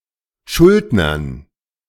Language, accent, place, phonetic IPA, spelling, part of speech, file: German, Germany, Berlin, [ˈʃʊldnɐn], Schuldnern, noun, De-Schuldnern.ogg
- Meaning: dative plural of Schuldner